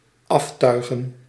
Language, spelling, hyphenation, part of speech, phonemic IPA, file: Dutch, aftuigen, af‧tui‧gen, verb, /ˈɑfˌtœy̯.ɣə(n)/, Nl-aftuigen.ogg
- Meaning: 1. to unrig, to unequip 2. to remove tack from, to unequip 3. to beat up, to attack, to abuse 4. to dedecorate